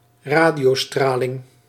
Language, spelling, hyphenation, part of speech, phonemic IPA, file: Dutch, radiostraling, ra‧dio‧stra‧ling, noun, /ˈraː.di.oːˌstraː.lɪŋ/, Nl-radiostraling.ogg
- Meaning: radiation in the radio spectrum